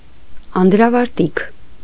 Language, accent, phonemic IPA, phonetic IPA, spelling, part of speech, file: Armenian, Eastern Armenian, /ɑndɾɑvɑɾˈtikʰ/, [ɑndɾɑvɑɾtíkʰ], անդրավարտիք, noun, Hy-անդրավարտիք.ogg
- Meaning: 1. drawers, underpants, leggings 2. trousers, pants